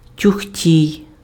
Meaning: clumsy person, klutz, oaf
- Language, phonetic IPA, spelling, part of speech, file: Ukrainian, [tʲʊxˈtʲii̯], тюхтій, noun, Uk-тюхтій.ogg